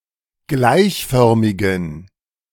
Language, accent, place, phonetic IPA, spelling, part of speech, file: German, Germany, Berlin, [ˈɡlaɪ̯çˌfœʁmɪɡn̩], gleichförmigen, adjective, De-gleichförmigen.ogg
- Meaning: inflection of gleichförmig: 1. strong genitive masculine/neuter singular 2. weak/mixed genitive/dative all-gender singular 3. strong/weak/mixed accusative masculine singular 4. strong dative plural